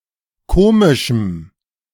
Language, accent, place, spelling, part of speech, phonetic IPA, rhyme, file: German, Germany, Berlin, komischem, adjective, [ˈkoːmɪʃm̩], -oːmɪʃm̩, De-komischem.ogg
- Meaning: strong dative masculine/neuter singular of komisch